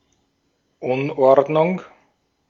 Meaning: disorder (absence of order)
- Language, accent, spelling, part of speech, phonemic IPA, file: German, Austria, Unordnung, noun, /ˈʊnˌʔɔʁdnʊŋ/, De-at-Unordnung.ogg